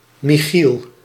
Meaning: a male given name from Hebrew, equivalent to English Michael
- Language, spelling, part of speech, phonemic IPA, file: Dutch, Michiel, proper noun, /mɪˈxil/, Nl-Michiel.ogg